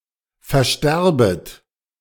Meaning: second-person plural subjunctive I of versterben
- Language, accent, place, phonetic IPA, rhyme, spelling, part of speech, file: German, Germany, Berlin, [fɛɐ̯ˈʃtɛʁbət], -ɛʁbət, versterbet, verb, De-versterbet.ogg